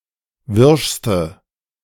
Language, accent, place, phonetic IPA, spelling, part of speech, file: German, Germany, Berlin, [ˈvɪʁʃstə], wirschste, adjective, De-wirschste.ogg
- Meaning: inflection of wirsch: 1. strong/mixed nominative/accusative feminine singular superlative degree 2. strong nominative/accusative plural superlative degree